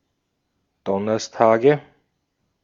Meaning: nominative/accusative/genitive plural of Donnerstag
- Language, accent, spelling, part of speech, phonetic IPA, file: German, Austria, Donnerstage, noun, [ˈdɔnɐstaːɡə], De-at-Donnerstage.ogg